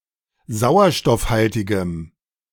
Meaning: strong dative masculine/neuter singular of sauerstoffhaltig
- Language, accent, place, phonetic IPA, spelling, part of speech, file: German, Germany, Berlin, [ˈzaʊ̯ɐʃtɔfˌhaltɪɡəm], sauerstoffhaltigem, adjective, De-sauerstoffhaltigem.ogg